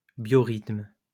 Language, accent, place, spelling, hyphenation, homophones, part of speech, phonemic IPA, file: French, France, Lyon, biorythme, bio‧rythme, biorythmes, noun, /bjɔ.ʁitm/, LL-Q150 (fra)-biorythme.wav
- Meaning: biorhythm